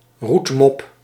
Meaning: 1. An offensive term of abuse for a black person: nigger 2. A nickname or insult for a chimney sweep 3. A nickname or insult for a coal miner
- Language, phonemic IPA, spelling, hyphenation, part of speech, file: Dutch, /ˈrut.mɔp/, roetmop, roet‧mop, noun, Nl-roetmop.ogg